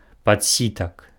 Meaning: small sieve
- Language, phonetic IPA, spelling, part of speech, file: Belarusian, [pat͡sʲˈsʲitak], падсітак, noun, Be-падсітак.ogg